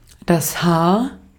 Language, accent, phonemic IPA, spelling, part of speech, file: German, Austria, /haːr/, Haar, noun, De-at-Haar.ogg
- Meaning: 1. hair (a singular hair, not limited to the head) 2. hair (the totality of hair on someone's head)